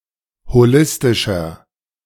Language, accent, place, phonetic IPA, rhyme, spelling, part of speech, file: German, Germany, Berlin, [hoˈlɪstɪʃɐ], -ɪstɪʃɐ, holistischer, adjective, De-holistischer.ogg
- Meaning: inflection of holistisch: 1. strong/mixed nominative masculine singular 2. strong genitive/dative feminine singular 3. strong genitive plural